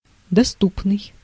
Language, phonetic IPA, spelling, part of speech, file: Russian, [dɐˈstupnɨj], доступный, adjective, Ru-доступный.ogg
- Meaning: 1. accessible, available 2. simple, easily understood, intelligible, comprehensible 3. approachable, popular 4. moderate, reasonable 5. affordable